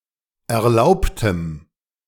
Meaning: strong dative masculine/neuter singular of erlaubt
- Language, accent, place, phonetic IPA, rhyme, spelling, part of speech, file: German, Germany, Berlin, [ɛɐ̯ˈlaʊ̯ptəm], -aʊ̯ptəm, erlaubtem, adjective, De-erlaubtem.ogg